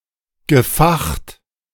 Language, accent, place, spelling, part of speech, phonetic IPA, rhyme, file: German, Germany, Berlin, gefacht, verb, [ɡəˈfaxt], -axt, De-gefacht.ogg
- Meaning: past participle of fachen